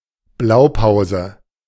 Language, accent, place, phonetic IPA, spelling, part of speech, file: German, Germany, Berlin, [ˈblaʊ̯ˌpaʊ̯zə], Blaupause, noun, De-Blaupause.ogg
- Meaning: 1. blueprint 2. model, template